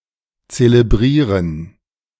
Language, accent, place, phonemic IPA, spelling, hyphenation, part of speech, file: German, Germany, Berlin, /t͡selebˈʁiːʁən/, zelebrieren, ze‧leb‧rie‧ren, verb, De-zelebrieren.ogg
- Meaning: 1. to celebrate (extol or honour in a solemn manner) 2. to celebrate (hold a ceremony)